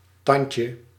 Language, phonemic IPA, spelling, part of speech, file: Dutch, /ˈtɑnjtjə/, tandje, noun, Nl-tandje.ogg
- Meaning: diminutive of tand